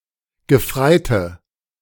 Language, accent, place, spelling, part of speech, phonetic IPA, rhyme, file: German, Germany, Berlin, Gefreite, noun, [ɡəˈfʁaɪ̯tə], -aɪ̯tə, De-Gefreite.ogg
- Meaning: 1. female equivalent of Gefreiter: female lance corporal 2. inflection of Gefreiter: strong nominative/accusative plural 3. inflection of Gefreiter: weak nominative singular